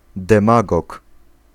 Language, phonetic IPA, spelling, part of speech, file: Polish, [dɛ̃ˈmaɡɔk], demagog, noun, Pl-demagog.ogg